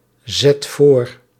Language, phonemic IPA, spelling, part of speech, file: Dutch, /ˈzɛt ˈvor/, zet voor, verb, Nl-zet voor.ogg
- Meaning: inflection of voorzetten: 1. first/second/third-person singular present indicative 2. imperative